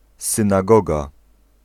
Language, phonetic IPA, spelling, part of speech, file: Polish, [ˌsɨ̃naˈɡɔɡa], synagoga, noun, Pl-synagoga.ogg